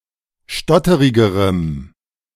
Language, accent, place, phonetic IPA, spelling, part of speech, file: German, Germany, Berlin, [ˈʃtɔtəʁɪɡəʁəm], stotterigerem, adjective, De-stotterigerem.ogg
- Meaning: strong dative masculine/neuter singular comparative degree of stotterig